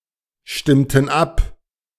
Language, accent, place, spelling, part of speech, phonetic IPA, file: German, Germany, Berlin, stimmten ab, verb, [ˌʃtɪmtn̩ ˈap], De-stimmten ab.ogg
- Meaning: inflection of abstimmen: 1. first/third-person plural preterite 2. first/third-person plural subjunctive II